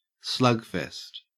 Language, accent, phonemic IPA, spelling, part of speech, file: English, Australia, /ˈslʌɡfɛst/, slugfest, noun, En-au-slugfest.ogg
- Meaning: 1. A baseball game in which many runs are scored, especially by home runs 2. A game or match in which heavy blows are exchanged 3. A tough, heated contest